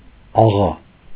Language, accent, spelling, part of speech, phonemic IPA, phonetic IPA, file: Armenian, Eastern Armenian, աղա, noun / verb, /ɑˈʁɑ/, [ɑʁɑ́], Hy-աղա.ogg
- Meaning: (noun) 1. landowner 2. person belonging to a family of noblemen 3. person keeping hired workers; rich man 4. an honorific title of address, agha 5. a well-to-do person 6. a magnanimous person